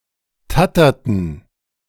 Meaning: inflection of tattern: 1. first/third-person plural preterite 2. first/third-person plural subjunctive II
- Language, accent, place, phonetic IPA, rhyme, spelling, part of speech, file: German, Germany, Berlin, [ˈtatɐtn̩], -atɐtn̩, tatterten, verb, De-tatterten.ogg